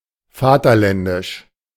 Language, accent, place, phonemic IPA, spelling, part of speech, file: German, Germany, Berlin, /ˈfaːtɐˌlɛndɪʃ/, vaterländisch, adjective, De-vaterländisch.ogg
- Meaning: patriotic, nationalistic